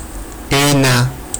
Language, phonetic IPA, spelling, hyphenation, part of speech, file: Georgian, [e̞nä], ენა, ენა, noun, Ka-ena.ogg
- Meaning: 1. language 2. tongue 3. language (the particular words used in a speech or a passage of text) 4. programming language